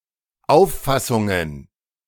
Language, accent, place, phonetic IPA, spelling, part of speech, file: German, Germany, Berlin, [ˈaʊ̯fˌfasʊŋən], Auffassungen, noun, De-Auffassungen.ogg
- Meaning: plural of Auffassung